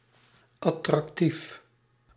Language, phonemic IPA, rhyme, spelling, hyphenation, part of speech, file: Dutch, /ˌɑ.trɑkˈtif/, -if, attractief, at‧trac‧tief, adjective, Nl-attractief.ogg
- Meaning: attractive